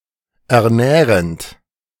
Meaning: present participle of ernähren
- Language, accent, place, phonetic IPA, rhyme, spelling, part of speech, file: German, Germany, Berlin, [ɛɐ̯ˈnɛːʁənt], -ɛːʁənt, ernährend, verb, De-ernährend.ogg